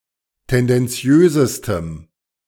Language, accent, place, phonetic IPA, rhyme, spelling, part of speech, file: German, Germany, Berlin, [ˌtɛndɛnˈt͡si̯øːzəstəm], -øːzəstəm, tendenziösestem, adjective, De-tendenziösestem.ogg
- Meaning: strong dative masculine/neuter singular superlative degree of tendenziös